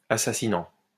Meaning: present participle of assassiner
- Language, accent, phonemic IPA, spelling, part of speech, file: French, France, /a.sa.si.nɑ̃/, assassinant, verb, LL-Q150 (fra)-assassinant.wav